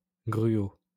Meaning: 1. gruel 2. porridge, oatmeal
- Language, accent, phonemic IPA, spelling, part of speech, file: French, France, /ɡʁy.o/, gruau, noun, LL-Q150 (fra)-gruau.wav